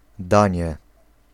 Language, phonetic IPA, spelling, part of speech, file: Polish, [ˈdãɲɛ], danie, noun, Pl-danie.ogg